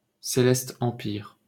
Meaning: Celestial Empire (China)
- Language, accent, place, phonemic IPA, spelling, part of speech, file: French, France, Paris, /se.lɛs.t‿ɑ̃.piʁ/, Céleste Empire, proper noun, LL-Q150 (fra)-Céleste Empire.wav